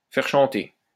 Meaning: 1. to make someone sing 2. to force someone to confess 3. to blackmail
- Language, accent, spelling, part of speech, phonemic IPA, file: French, France, faire chanter, verb, /fɛʁ ʃɑ̃.te/, LL-Q150 (fra)-faire chanter.wav